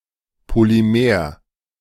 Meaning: polymer
- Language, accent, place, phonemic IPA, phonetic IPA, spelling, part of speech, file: German, Germany, Berlin, /poliˈmeːʁ/, [pʰoliˈmeːɐ̯], Polymer, noun, De-Polymer.ogg